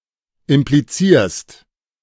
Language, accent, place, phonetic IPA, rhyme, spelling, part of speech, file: German, Germany, Berlin, [ɪmpliˈt͡siːɐ̯st], -iːɐ̯st, implizierst, verb, De-implizierst.ogg
- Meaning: second-person singular present of implizieren